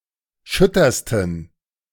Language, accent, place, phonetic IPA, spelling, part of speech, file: German, Germany, Berlin, [ˈʃʏtɐstn̩], schüttersten, adjective, De-schüttersten.ogg
- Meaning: 1. superlative degree of schütter 2. inflection of schütter: strong genitive masculine/neuter singular superlative degree